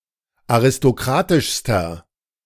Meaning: inflection of aristokratisch: 1. strong/mixed nominative masculine singular superlative degree 2. strong genitive/dative feminine singular superlative degree
- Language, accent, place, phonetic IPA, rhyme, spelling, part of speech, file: German, Germany, Berlin, [aʁɪstoˈkʁaːtɪʃstɐ], -aːtɪʃstɐ, aristokratischster, adjective, De-aristokratischster.ogg